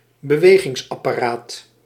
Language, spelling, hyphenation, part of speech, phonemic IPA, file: Dutch, bewegingsapparaat, be‧we‧gings‧ap‧pa‧raat, noun, /bəˈʋeː.ɣɪŋs.ɑ.paːˌraːt/, Nl-bewegingsapparaat.ogg
- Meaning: locomotor system